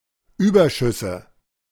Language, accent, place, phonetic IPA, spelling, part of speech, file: German, Germany, Berlin, [ˈyːbɐˌʃʏsə], Überschüsse, noun, De-Überschüsse.ogg
- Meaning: plural of Überschuss